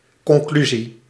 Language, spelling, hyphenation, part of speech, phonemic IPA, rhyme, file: Dutch, conclusie, con‧clu‧sie, noun, /kɔŋˈklyzi/, -yzi, Nl-conclusie.ogg
- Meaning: 1. conclusion 2. opinion (judicial opinion delivered by an Advocate General to the European Court of Justice for a legal solution in a case)